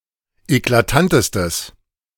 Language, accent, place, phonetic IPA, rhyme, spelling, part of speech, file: German, Germany, Berlin, [eklaˈtantəstəs], -antəstəs, eklatantestes, adjective, De-eklatantestes.ogg
- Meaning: strong/mixed nominative/accusative neuter singular superlative degree of eklatant